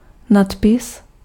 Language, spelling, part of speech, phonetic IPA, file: Czech, nadpis, noun, [ˈnatpɪs], Cs-nadpis.ogg
- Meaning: 1. heading (the title or topic of a document, article, chapter etc.) 2. caption